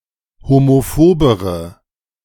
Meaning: inflection of homophob: 1. strong/mixed nominative/accusative feminine singular comparative degree 2. strong nominative/accusative plural comparative degree
- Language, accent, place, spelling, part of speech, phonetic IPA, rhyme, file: German, Germany, Berlin, homophobere, adjective, [homoˈfoːbəʁə], -oːbəʁə, De-homophobere.ogg